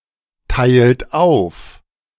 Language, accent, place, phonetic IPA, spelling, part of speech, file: German, Germany, Berlin, [ˌtaɪ̯lt ˈaʊ̯f], teilt auf, verb, De-teilt auf.ogg
- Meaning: inflection of aufteilen: 1. second-person plural present 2. third-person singular present 3. plural imperative